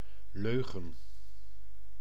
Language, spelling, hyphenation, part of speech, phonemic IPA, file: Dutch, leugen, leu‧gen, noun, /ˈløː.ɣə(n)/, Nl-leugen.ogg
- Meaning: a lie